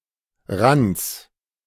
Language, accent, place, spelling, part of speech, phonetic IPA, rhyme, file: German, Germany, Berlin, Rands, noun, [ʁant͡s], -ant͡s, De-Rands.ogg
- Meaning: genitive singular of Rand